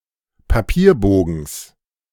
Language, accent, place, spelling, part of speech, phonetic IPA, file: German, Germany, Berlin, Papierbogens, noun, [paˈpiːɐ̯ˌboːɡn̩s], De-Papierbogens.ogg
- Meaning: genitive singular of Papierbogen